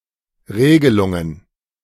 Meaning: plural of Regelung
- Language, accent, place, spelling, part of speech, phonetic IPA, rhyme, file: German, Germany, Berlin, Regelungen, noun, [ˈʁeːɡəlʊŋən], -eːɡəlʊŋən, De-Regelungen.ogg